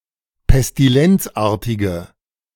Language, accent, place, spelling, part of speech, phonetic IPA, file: German, Germany, Berlin, pestilenzartige, adjective, [pɛstiˈlɛnt͡sˌʔaːɐ̯tɪɡə], De-pestilenzartige.ogg
- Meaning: inflection of pestilenzartig: 1. strong/mixed nominative/accusative feminine singular 2. strong nominative/accusative plural 3. weak nominative all-gender singular